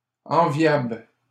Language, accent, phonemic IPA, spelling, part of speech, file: French, Canada, /ɑ̃.vjabl/, enviables, adjective, LL-Q150 (fra)-enviables.wav
- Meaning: plural of enviable